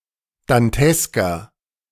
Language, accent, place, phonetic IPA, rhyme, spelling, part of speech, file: German, Germany, Berlin, [danˈtɛskɐ], -ɛskɐ, dantesker, adjective, De-dantesker.ogg
- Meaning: 1. comparative degree of dantesk 2. inflection of dantesk: strong/mixed nominative masculine singular 3. inflection of dantesk: strong genitive/dative feminine singular